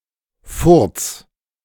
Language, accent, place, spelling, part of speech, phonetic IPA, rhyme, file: German, Germany, Berlin, furz, verb, [fʊʁt͡s], -ʊʁt͡s, De-furz.ogg
- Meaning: 1. singular imperative of furzen 2. first-person singular present of furzen